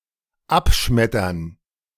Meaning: to reject
- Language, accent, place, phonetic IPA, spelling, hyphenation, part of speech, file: German, Germany, Berlin, [ˈapˌʃmɛtɐn], abschmettern, ab‧schmet‧tern, verb, De-abschmettern.ogg